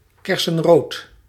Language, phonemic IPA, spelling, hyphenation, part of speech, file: Dutch, /ˈkɛrsə(n)ˌrot/, kersenrood, ker‧sen‧rood, adjective, Nl-kersenrood.ogg
- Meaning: cherry red